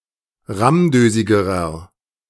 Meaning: inflection of rammdösig: 1. strong/mixed nominative masculine singular comparative degree 2. strong genitive/dative feminine singular comparative degree 3. strong genitive plural comparative degree
- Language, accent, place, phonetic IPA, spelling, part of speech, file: German, Germany, Berlin, [ˈʁamˌdøːzɪɡəʁɐ], rammdösigerer, adjective, De-rammdösigerer.ogg